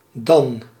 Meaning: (adverb) 1. then, at that time (in the future) 2. then, after that 3. then, in that case; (conjunction) than (in comparison); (preposition) but, except
- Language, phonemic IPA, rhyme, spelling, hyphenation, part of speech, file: Dutch, /dɑn/, -ɑn, dan, dan, adverb / conjunction / preposition / noun, Nl-dan.ogg